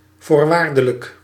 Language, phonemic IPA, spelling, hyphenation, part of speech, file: Dutch, /ˌvoːrˈʋaːr.də.lək/, voorwaardelijk, voor‧waar‧de‧lijk, adjective, Nl-voorwaardelijk.ogg
- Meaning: 1. conditional (pertaining to a condition) 2. probationary; suspended 3. conditional (pertaining to a conditional mood or tense or another grammatical way to express contingency)